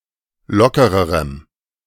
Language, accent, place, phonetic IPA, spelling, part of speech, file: German, Germany, Berlin, [ˈlɔkəʁəʁəm], lockererem, adjective, De-lockererem.ogg
- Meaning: strong dative masculine/neuter singular comparative degree of locker